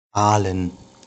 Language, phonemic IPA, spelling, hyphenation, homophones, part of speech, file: German, /ˈaːlən/, Aalen, Aa‧len, Ahlen, proper noun / noun, De-Aalen.ogg
- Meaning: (proper noun) Aalen (a town, the administrative seat of Ostalbkreis district, Baden-Württemberg, Germany); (noun) 1. gerund of aalen 2. dative masculine plural of Aal